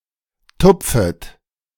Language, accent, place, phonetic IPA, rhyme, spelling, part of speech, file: German, Germany, Berlin, [ˈtʊp͡fət], -ʊp͡fət, tupfet, verb, De-tupfet.ogg
- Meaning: second-person plural subjunctive I of tupfen